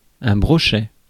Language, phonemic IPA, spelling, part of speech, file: French, /bʁɔ.ʃɛ/, brochet, noun, Fr-brochet.ogg
- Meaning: pike (any carnivorous freshwater fish of the genus Esox)